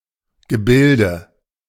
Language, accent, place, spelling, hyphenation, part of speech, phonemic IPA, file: German, Germany, Berlin, Gebilde, Ge‧bil‧de, noun, /ɡəˈbɪldə/, De-Gebilde.ogg
- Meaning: 1. construction, formation, structure 2. shape, pattern, figure